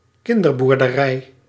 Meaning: petting zoo (educational and recreational facility for familiarising children with (chiefly) farm animals)
- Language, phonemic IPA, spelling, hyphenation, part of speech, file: Dutch, /ˈkɪn.dər.bur.dəˌrɛi̯/, kinderboerderij, kin‧der‧boer‧de‧rij, noun, Nl-kinderboerderij.ogg